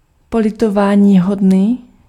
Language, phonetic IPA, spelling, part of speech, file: Czech, [ˈpolɪtovaːɲiːɦodniː], politováníhodný, adjective, Cs-politováníhodný.ogg
- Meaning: regrettable